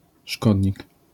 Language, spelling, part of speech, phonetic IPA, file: Polish, szkodnik, noun, [ˈʃkɔdʲɲik], LL-Q809 (pol)-szkodnik.wav